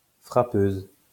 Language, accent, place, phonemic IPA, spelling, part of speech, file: French, France, Lyon, /fʁa.pøz/, frappeuse, noun, LL-Q150 (fra)-frappeuse.wav
- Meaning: female equivalent of frappeur